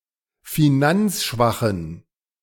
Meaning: inflection of finanzschwach: 1. strong genitive masculine/neuter singular 2. weak/mixed genitive/dative all-gender singular 3. strong/weak/mixed accusative masculine singular 4. strong dative plural
- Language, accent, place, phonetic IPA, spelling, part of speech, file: German, Germany, Berlin, [fiˈnant͡sˌʃvaxn̩], finanzschwachen, adjective, De-finanzschwachen.ogg